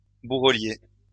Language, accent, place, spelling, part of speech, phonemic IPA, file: French, France, Lyon, bourrelier, noun, /bu.ʁə.lje/, LL-Q150 (fra)-bourrelier.wav
- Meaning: saddler, harnessmaker